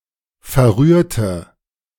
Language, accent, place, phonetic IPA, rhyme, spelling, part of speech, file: German, Germany, Berlin, [fɛɐ̯ˈʁyːɐ̯tə], -yːɐ̯tə, verrührte, adjective / verb, De-verrührte.ogg
- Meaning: inflection of verrühren: 1. first/third-person singular preterite 2. first/third-person singular subjunctive II